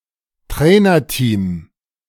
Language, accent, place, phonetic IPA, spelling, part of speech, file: German, Germany, Berlin, [ˈtʁɛːnɐˌtiːm], Trainerteam, noun, De-Trainerteam.ogg
- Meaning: coaching team